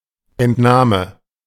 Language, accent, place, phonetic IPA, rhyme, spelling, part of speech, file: German, Germany, Berlin, [ɛntˈnaːmə], -aːmə, Entnahme, noun, De-Entnahme.ogg
- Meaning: 1. taking, removal 2. withdrawal